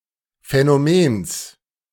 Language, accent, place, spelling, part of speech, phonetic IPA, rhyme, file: German, Germany, Berlin, Phänomens, noun, [fɛnoˈmeːns], -eːns, De-Phänomens.ogg
- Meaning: genitive singular of Phänomen